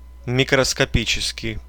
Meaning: microscopical
- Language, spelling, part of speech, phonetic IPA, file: Russian, микроскопический, adjective, [mʲɪkrəskɐˈpʲit͡ɕɪskʲɪj], Ru-микроскопический.ogg